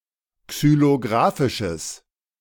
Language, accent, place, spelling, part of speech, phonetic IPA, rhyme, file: German, Germany, Berlin, xylographisches, adjective, [ksyloˈɡʁaːfɪʃəs], -aːfɪʃəs, De-xylographisches.ogg
- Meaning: strong/mixed nominative/accusative neuter singular of xylographisch